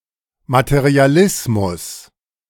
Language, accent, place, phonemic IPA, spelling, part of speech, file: German, Germany, Berlin, /matəʁiaˈlɪsmʊs/, Materialismus, noun, De-Materialismus.ogg
- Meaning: materialism